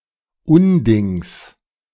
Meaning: genitive singular of Unding
- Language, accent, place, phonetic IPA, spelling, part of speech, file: German, Germany, Berlin, [ˈʊnˌdɪŋs], Undings, noun, De-Undings.ogg